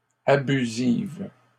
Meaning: feminine plural of abusif
- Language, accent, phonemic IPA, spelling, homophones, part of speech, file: French, Canada, /a.by.ziv/, abusives, abusive, adjective, LL-Q150 (fra)-abusives.wav